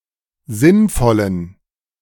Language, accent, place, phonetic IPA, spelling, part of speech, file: German, Germany, Berlin, [ˈzɪnˌfɔlən], sinnvollen, adjective, De-sinnvollen.ogg
- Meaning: inflection of sinnvoll: 1. strong genitive masculine/neuter singular 2. weak/mixed genitive/dative all-gender singular 3. strong/weak/mixed accusative masculine singular 4. strong dative plural